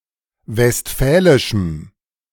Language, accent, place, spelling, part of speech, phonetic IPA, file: German, Germany, Berlin, westfälischem, adjective, [vɛstˈfɛːlɪʃm̩], De-westfälischem.ogg
- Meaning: strong dative masculine/neuter singular of westfälisch